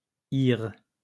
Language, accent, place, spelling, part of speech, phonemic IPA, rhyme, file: French, France, Lyon, ire, noun, /iʁ/, -iʁ, LL-Q150 (fra)-ire.wav
- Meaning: ire, anger